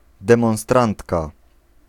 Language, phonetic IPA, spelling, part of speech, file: Polish, [ˌdɛ̃mɔ̃w̃ˈstrãntka], demonstrantka, noun, Pl-demonstrantka.ogg